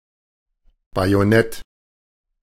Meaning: bayonet
- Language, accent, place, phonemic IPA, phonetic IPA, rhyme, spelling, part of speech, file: German, Germany, Berlin, /ˌbajoˈnɛt/, [ˌbajoˈnɛtʰ], -ɛt, Bajonett, noun, De-Bajonett.ogg